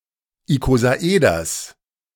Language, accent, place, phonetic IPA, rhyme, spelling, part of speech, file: German, Germany, Berlin, [ikozaˈʔeːdɐs], -eːdɐs, Ikosaeders, noun, De-Ikosaeders.ogg
- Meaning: genitive singular of Ikosaeder